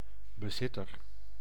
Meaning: possessor (and possibly, but not necessarily, also the owner)
- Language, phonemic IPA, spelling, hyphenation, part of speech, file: Dutch, /bəˈzɪ.tər/, bezitter, be‧zit‧ter, noun, Nl-bezitter.ogg